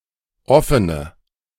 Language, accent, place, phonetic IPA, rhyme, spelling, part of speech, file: German, Germany, Berlin, [ˈɔfənə], -ɔfənə, offene, adjective, De-offene.ogg
- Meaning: inflection of offen: 1. strong/mixed nominative/accusative feminine singular 2. strong nominative/accusative plural 3. weak nominative all-gender singular 4. weak accusative feminine/neuter singular